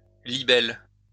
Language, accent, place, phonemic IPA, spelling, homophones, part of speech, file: French, France, Lyon, /li.bɛl/, libelle, libellent / libelles, noun / verb, LL-Q150 (fra)-libelle.wav
- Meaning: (noun) 1. libel 2. libelle; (verb) inflection of libeller: 1. first-person singular/third-person singular present indicative/ present subjunctive 2. second-person singular imperative